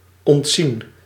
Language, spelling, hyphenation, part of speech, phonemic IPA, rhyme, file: Dutch, ontzien, ont‧zien, verb, /ɔntˈzin/, -in, Nl-ontzien.ogg
- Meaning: 1. to spare 2. past participle of ontzien